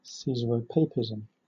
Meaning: The combination of state (originally imperial) power with religious authority; state authority over ecclesiastical matters
- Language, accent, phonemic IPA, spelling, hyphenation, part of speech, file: English, Southern England, /ˌsiːzəɹəʊˈpeɪpɪzm̩/, caesaropapism, cae‧sar‧o‧pap‧i‧sm, noun, LL-Q1860 (eng)-caesaropapism.wav